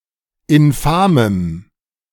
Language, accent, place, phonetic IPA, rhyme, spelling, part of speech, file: German, Germany, Berlin, [ɪnˈfaːməm], -aːməm, infamem, adjective, De-infamem.ogg
- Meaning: strong dative masculine/neuter singular of infam